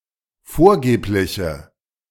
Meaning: inflection of vorgeblich: 1. strong/mixed nominative/accusative feminine singular 2. strong nominative/accusative plural 3. weak nominative all-gender singular
- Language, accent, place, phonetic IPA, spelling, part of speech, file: German, Germany, Berlin, [ˈfoːɐ̯ˌɡeːplɪçə], vorgebliche, adjective, De-vorgebliche.ogg